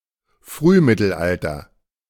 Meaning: Early Middle Ages
- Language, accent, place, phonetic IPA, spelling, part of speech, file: German, Germany, Berlin, [ˈfʁyːˌmɪtl̩ʔaltɐ], Frühmittelalter, noun, De-Frühmittelalter.ogg